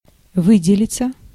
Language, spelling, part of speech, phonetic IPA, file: Russian, выделиться, verb, [ˈvɨdʲɪlʲɪt͡sə], Ru-выделиться.ogg
- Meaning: 1. to stand out, to be distinguished (by), to be notable (by) 2. passive of вы́делить (výdelitʹ)